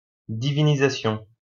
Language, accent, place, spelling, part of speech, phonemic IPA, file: French, France, Lyon, divinisation, noun, /di.vi.ni.za.sjɔ̃/, LL-Q150 (fra)-divinisation.wav
- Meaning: divinization, deification